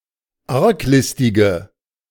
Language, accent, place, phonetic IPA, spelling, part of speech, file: German, Germany, Berlin, [ˈaʁkˌlɪstɪɡə], arglistige, adjective, De-arglistige.ogg
- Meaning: inflection of arglistig: 1. strong/mixed nominative/accusative feminine singular 2. strong nominative/accusative plural 3. weak nominative all-gender singular